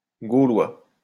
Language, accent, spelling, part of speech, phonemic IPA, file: French, France, Gaulois, noun, /ɡo.lwa/, LL-Q150 (fra)-Gaulois.wav
- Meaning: Gaul (native or inhabitant of the historical region of Gaul, or poetically the modern nation of France) (usually male)